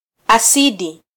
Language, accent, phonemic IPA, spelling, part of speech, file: Swahili, Kenya, /ɑˈsi.ɗi/, asidi, noun, Sw-ke-asidi.flac
- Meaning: acid